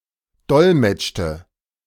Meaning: inflection of dolmetschen: 1. first/third-person singular preterite 2. first/third-person singular subjunctive II
- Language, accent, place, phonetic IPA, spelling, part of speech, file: German, Germany, Berlin, [ˈdɔlmɛt͡ʃtə], dolmetschte, verb, De-dolmetschte.ogg